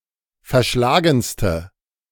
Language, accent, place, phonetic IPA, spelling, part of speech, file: German, Germany, Berlin, [fɛɐ̯ˈʃlaːɡn̩stə], verschlagenste, adjective, De-verschlagenste.ogg
- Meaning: inflection of verschlagen: 1. strong/mixed nominative/accusative feminine singular superlative degree 2. strong nominative/accusative plural superlative degree